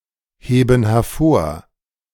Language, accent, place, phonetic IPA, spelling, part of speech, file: German, Germany, Berlin, [ˌheːbn̩ hɛɐ̯ˈfoːɐ̯], heben hervor, verb, De-heben hervor.ogg
- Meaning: inflection of hervorheben: 1. first/third-person plural present 2. first/third-person plural subjunctive I